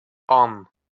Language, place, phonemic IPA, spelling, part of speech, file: Azerbaijani, Baku, /ɑn/, an, noun, LL-Q9292 (aze)-an.wav
- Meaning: moment